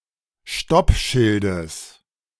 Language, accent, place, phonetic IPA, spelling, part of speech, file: German, Germany, Berlin, [ˈʃtɔpˌʃɪldəs], Stoppschildes, noun, De-Stoppschildes.ogg
- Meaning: genitive singular of Stoppschild